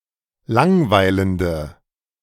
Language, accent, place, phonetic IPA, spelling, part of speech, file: German, Germany, Berlin, [ˈlaŋˌvaɪ̯ləndə], langweilende, adjective, De-langweilende.ogg
- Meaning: inflection of langweilend: 1. strong/mixed nominative/accusative feminine singular 2. strong nominative/accusative plural 3. weak nominative all-gender singular